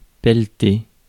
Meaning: to shovel (up)
- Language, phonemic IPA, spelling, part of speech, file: French, /pɛl.te/, pelleter, verb, Fr-pelleter.ogg